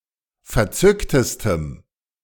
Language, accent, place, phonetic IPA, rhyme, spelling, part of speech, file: German, Germany, Berlin, [fɛɐ̯ˈt͡sʏktəstəm], -ʏktəstəm, verzücktestem, adjective, De-verzücktestem.ogg
- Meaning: strong dative masculine/neuter singular superlative degree of verzückt